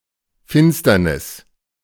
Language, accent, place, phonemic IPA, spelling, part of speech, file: German, Germany, Berlin, /ˈfɪnstɐnɪs/, Finsternis, noun, De-Finsternis.ogg
- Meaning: 1. eclipse (astronomy) 2. darkness